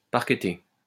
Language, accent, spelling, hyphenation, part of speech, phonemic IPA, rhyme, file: French, France, parqueter, par‧que‧ter, verb, /paʁ.kə.te/, -e, LL-Q150 (fra)-parqueter.wav
- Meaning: to parquet (to cover the floor with parquet)